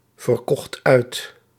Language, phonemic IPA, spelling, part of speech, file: Dutch, /vərˈkɔxt ˈœy̯t/, verkocht uit, verb, Nl-verkocht uit.ogg
- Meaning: singular past indicative of uitverkopen